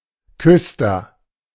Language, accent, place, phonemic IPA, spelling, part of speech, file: German, Germany, Berlin, /ˈkʏstɐ/, Küster, noun, De-Küster.ogg
- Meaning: sexton (church official)